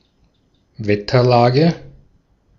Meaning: atmospheric conditions, weather conditions
- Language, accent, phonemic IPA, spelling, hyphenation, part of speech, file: German, Austria, /ˈvɛtɐˌlaːɡə/, Wetterlage, Wet‧ter‧la‧ge, noun, De-at-Wetterlage.ogg